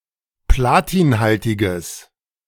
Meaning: strong/mixed nominative/accusative neuter singular of platinhaltig
- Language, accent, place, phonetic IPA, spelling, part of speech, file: German, Germany, Berlin, [ˈplaːtiːnˌhaltɪɡəs], platinhaltiges, adjective, De-platinhaltiges.ogg